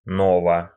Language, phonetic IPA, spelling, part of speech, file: Russian, [nɐˈva], нова, adjective, Ru-но́ва.ogg
- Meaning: short feminine singular of но́вый (nóvyj, “new”)